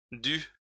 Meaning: feminine singular of dû
- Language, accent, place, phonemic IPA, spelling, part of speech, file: French, France, Lyon, /dy/, due, verb, LL-Q150 (fra)-due.wav